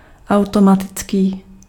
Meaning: automatic
- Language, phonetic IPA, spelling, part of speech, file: Czech, [ˈau̯tomatɪt͡skiː], automatický, adjective, Cs-automatický.ogg